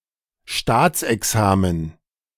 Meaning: state examination
- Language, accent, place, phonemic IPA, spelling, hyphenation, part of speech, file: German, Germany, Berlin, /ˈʃtaːt͡sʔɛˌksaːmən/, Staatsexamen, Staats‧ex‧a‧men, noun, De-Staatsexamen.ogg